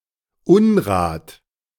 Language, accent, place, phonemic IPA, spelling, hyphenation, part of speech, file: German, Germany, Berlin, /ˈʊnʁaːt/, Unrat, Un‧rat, noun, De-Unrat.ogg
- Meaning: litter, trash